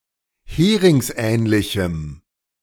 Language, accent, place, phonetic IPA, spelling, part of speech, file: German, Germany, Berlin, [ˈheːʁɪŋsˌʔɛːnlɪçm̩], heringsähnlichem, adjective, De-heringsähnlichem.ogg
- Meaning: strong dative masculine/neuter singular of heringsähnlich